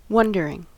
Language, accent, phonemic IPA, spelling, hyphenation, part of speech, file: English, US, /ˈwʌndəɹɪŋ/, wondering, won‧der‧ing, verb / noun / adjective, En-us-wondering.ogg
- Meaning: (verb) present participle and gerund of wonder; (noun) The mental activity by which one wonders; a query, puzzlement, etc; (adjective) Full of questioning and consideration